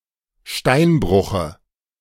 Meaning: dative singular of Steinbruch
- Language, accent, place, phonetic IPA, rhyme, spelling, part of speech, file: German, Germany, Berlin, [ˈʃtaɪ̯nˌbʁʊxə], -aɪ̯nbʁʊxə, Steinbruche, noun, De-Steinbruche.ogg